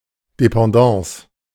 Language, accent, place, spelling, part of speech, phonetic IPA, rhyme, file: German, Germany, Berlin, Dependance, noun, [depɑ̃ˈdɑ̃ːs], -ɑ̃ːs, De-Dependance.ogg
- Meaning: branch